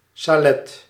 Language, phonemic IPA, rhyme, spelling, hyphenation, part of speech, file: Dutch, /saːˈlɛt/, -ɛt, salet, sa‧let, noun, Nl-salet.ogg
- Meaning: a salon, a small room where one receives guests